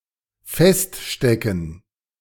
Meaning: 1. to be stuck 2. to pin
- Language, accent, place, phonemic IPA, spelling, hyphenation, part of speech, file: German, Germany, Berlin, /ˈfɛstˌʃtɛkn̩/, feststecken, fest‧ste‧cken, verb, De-feststecken.ogg